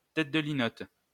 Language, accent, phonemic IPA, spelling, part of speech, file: French, France, /tɛt də li.nɔt/, tête de linotte, noun, LL-Q150 (fra)-tête de linotte.wav
- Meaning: 1. birdbrain 2. scatterbrain, flibbertigibbet